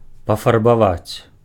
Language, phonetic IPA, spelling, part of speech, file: Belarusian, [pafarbaˈvat͡sʲ], пафарбаваць, verb, Be-пафарбаваць.ogg
- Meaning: to colour, to dye, to paint